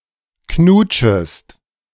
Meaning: second-person singular subjunctive I of knutschen
- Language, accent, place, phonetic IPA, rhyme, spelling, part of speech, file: German, Germany, Berlin, [ˈknuːt͡ʃəst], -uːt͡ʃəst, knutschest, verb, De-knutschest.ogg